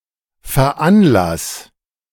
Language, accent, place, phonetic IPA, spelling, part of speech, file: German, Germany, Berlin, [fɛɐ̯ˈʔanˌlas], veranlass, verb, De-veranlass.ogg
- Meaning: 1. singular imperative of veranlassen 2. first-person singular present of veranlassen